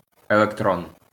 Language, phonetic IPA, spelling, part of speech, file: Ukrainian, [eɫekˈtrɔn], електрон, noun, LL-Q8798 (ukr)-електрон.wav
- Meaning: electron